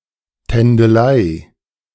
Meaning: dalliance, flirt
- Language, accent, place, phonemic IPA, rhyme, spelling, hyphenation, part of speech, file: German, Germany, Berlin, /tɛndəˈlaɪ̯/, -aɪ̯, Tändelei, Tän‧de‧lei, noun, De-Tändelei.ogg